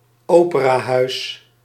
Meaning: opera building, opera house
- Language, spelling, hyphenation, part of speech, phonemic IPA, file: Dutch, operahuis, ope‧ra‧huis, noun, /ˈoː.pə.raːˌɦœy̯s/, Nl-operahuis.ogg